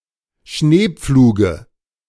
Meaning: dative of Schneepflug
- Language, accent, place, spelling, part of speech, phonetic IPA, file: German, Germany, Berlin, Schneepfluge, noun, [ˈʃneːˌp͡fluːɡə], De-Schneepfluge.ogg